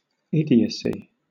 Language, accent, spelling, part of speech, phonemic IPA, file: English, Southern England, idiocy, noun, /ˈɪdiəsi/, LL-Q1860 (eng)-idiocy.wav
- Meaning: 1. The state or condition of being an idiot; the quality of having an intelligence level far below average 2. Lack of intelligence or sense; extremely foolish behaviour 3. An idiotic act or utterance